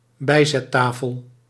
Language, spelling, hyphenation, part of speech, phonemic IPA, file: Dutch, bijzettafel, bij‧zet‧ta‧fel, noun, /ˈbɛi̯.zɛ(t)ˌtaː.fəl/, Nl-bijzettafel.ogg
- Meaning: occasional table, side table